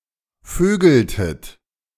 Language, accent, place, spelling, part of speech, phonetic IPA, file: German, Germany, Berlin, vögeltet, verb, [ˈføːɡl̩tət], De-vögeltet.ogg
- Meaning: inflection of vögeln: 1. second-person plural preterite 2. second-person plural subjunctive II